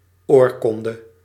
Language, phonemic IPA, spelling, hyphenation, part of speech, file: Dutch, /ˈɔːrkɔndə/, oorkonde, oor‧kon‧de, noun, Nl-oorkonde.ogg
- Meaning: charter